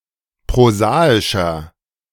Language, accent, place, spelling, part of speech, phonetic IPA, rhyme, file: German, Germany, Berlin, prosaischer, adjective, [pʁoˈzaːɪʃɐ], -aːɪʃɐ, De-prosaischer.ogg
- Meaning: 1. comparative degree of prosaisch 2. inflection of prosaisch: strong/mixed nominative masculine singular 3. inflection of prosaisch: strong genitive/dative feminine singular